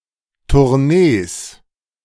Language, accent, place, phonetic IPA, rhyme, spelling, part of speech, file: German, Germany, Berlin, [tʊʁˈneːs], -eːs, Tournees, noun, De-Tournees.ogg
- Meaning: plural of Tournee